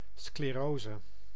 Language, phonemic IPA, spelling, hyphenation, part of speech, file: Dutch, /skleˈrozə/, sclerose, scle‧ro‧se, noun, Nl-sclerose.ogg
- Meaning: sclerosis